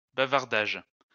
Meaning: plural of bavardage
- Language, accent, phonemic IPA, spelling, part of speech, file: French, France, /ba.vaʁ.daʒ/, bavardages, noun, LL-Q150 (fra)-bavardages.wav